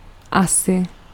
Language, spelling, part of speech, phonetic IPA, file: Czech, asi, adverb, [ˈasɪ], Cs-asi.ogg
- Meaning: 1. I guess/I think 2. approximately